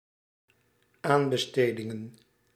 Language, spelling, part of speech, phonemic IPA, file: Dutch, aanbestedingen, noun, /ˈambəˌstediŋə(n)/, Nl-aanbestedingen.ogg
- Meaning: plural of aanbesteding